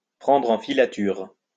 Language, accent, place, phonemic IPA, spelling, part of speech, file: French, France, Lyon, /pʁɑ̃dʁ ɑ̃ fi.la.tyʁ/, prendre en filature, verb, LL-Q150 (fra)-prendre en filature.wav
- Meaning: (espionage) to shadow, to tail (to secretly track or follow another)